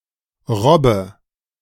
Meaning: inflection of robben: 1. first-person singular present 2. first/third-person singular subjunctive I 3. singular imperative
- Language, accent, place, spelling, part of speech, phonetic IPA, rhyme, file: German, Germany, Berlin, robbe, verb, [ˈʁɔbə], -ɔbə, De-robbe.ogg